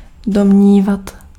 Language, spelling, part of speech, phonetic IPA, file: Czech, domnívat, verb, [ˈdomɲiːvat], Cs-domnívat.ogg
- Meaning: to think, to reckon (to hold for probable)